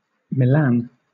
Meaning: 1. A city and comune, the capital of the Metropolitan City of Milan and the region of Lombardy, Italy 2. A metropolitan city of Lombardy, established in 2015; in full, the Metropolitan City of Milan
- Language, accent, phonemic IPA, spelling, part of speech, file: English, Southern England, /mɪˈlæn/, Milan, proper noun, LL-Q1860 (eng)-Milan.wav